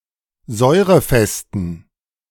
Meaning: inflection of säurefest: 1. strong genitive masculine/neuter singular 2. weak/mixed genitive/dative all-gender singular 3. strong/weak/mixed accusative masculine singular 4. strong dative plural
- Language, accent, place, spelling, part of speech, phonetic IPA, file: German, Germany, Berlin, säurefesten, adjective, [ˈzɔɪ̯ʁəˌfɛstn̩], De-säurefesten.ogg